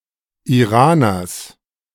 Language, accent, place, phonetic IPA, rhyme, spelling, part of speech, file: German, Germany, Berlin, [iˈʁaːnɐs], -aːnɐs, Iraners, noun, De-Iraners.ogg
- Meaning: genitive singular of Iraner